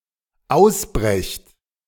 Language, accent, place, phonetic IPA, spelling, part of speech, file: German, Germany, Berlin, [ˈaʊ̯sˌbʁɛçt], ausbrecht, verb, De-ausbrecht.ogg
- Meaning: second-person plural dependent present of ausbrechen